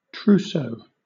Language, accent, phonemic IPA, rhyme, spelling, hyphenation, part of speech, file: English, Southern England, /ˈtɹuːsəʊ/, -uːsəʊ, trousseau, trous‧seau, noun, LL-Q1860 (eng)-trousseau.wav
- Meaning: 1. The clothes and linen, etc., that a bride collects or that is given to her for her wedding and married life, especially a traditional or formal set of these 2. A bundle